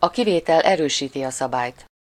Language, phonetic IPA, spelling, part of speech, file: Hungarian, [ɒ ˈkiveːtɛl ˈɛrøːʃiːti ɒ ˈsɒbaːjt], a kivétel erősíti a szabályt, proverb, Hu-a kivétel erősíti a szabályt.ogg
- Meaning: 1. the exception proves the rule 2. there is an exception to every rule